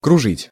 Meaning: 1. to turn, to whirl, to spin, to wheel around 2. to circle, to go round, to make circles 3. to wander
- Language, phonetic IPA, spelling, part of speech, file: Russian, [krʊˈʐɨtʲ], кружить, verb, Ru-кружить.ogg